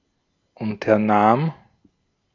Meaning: first/third-person singular preterite of unternehmen
- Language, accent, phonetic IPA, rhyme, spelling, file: German, Austria, [ˌʊntɐˈnaːm], -aːm, unternahm, De-at-unternahm.ogg